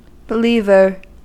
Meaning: A person who believes; especially regarding religion
- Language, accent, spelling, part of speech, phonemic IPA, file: English, US, believer, noun, /bɪˈlivɚ/, En-us-believer.ogg